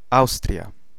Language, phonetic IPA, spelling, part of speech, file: Polish, [ˈawstrʲja], Austria, proper noun, Pl-Austria.ogg